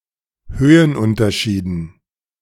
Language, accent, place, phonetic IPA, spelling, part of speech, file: German, Germany, Berlin, [ˈhøːənˌʔʊntɐʃiːdn̩], Höhenunterschieden, noun, De-Höhenunterschieden.ogg
- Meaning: dative plural of Höhenunterschied